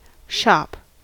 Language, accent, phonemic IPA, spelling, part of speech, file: English, General American, /ʃɑp/, shop, noun / verb / interjection, En-us-shop.ogg
- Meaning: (noun) An establishment that sells goods or services to the public; originally only a physical location, but now a virtual establishment as well